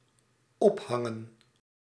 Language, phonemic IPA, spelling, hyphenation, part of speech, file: Dutch, /ˈɔpˌɦɑ.ŋə(n)/, ophangen, op‧han‧gen, verb, Nl-ophangen.ogg
- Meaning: 1. to hang up (to append or suspend) 2. to hang, to execute by hanging 3. to hang up (a telephone), to end a telephone conversation